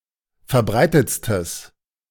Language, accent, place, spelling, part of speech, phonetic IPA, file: German, Germany, Berlin, verbreitetstes, adjective, [fɛɐ̯ˈbʁaɪ̯tət͡stəs], De-verbreitetstes.ogg
- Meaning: strong/mixed nominative/accusative neuter singular superlative degree of verbreitet